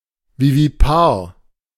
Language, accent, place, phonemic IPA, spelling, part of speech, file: German, Germany, Berlin, /ˌviːviˈpaːɐ̯/, vivipar, adjective, De-vivipar.ogg
- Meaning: viviparous